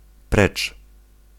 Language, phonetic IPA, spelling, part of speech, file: Polish, [prɛt͡ʃ], precz, adverb / interjection, Pl-precz.ogg